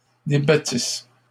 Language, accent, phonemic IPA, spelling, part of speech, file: French, Canada, /de.ba.tis/, débattissent, verb, LL-Q150 (fra)-débattissent.wav
- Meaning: third-person plural imperfect subjunctive of débattre